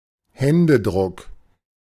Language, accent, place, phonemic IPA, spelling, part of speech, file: German, Germany, Berlin, /ˈhɛndəˌdʁʊk/, Händedruck, noun, De-Händedruck.ogg
- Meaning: handshake